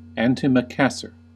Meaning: A cover for the back or arms of a chair or sofa
- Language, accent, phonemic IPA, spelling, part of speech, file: English, US, /ˌæn.tɪ.məˈkæs.ɚ/, antimacassar, noun, En-us-antimacassar.ogg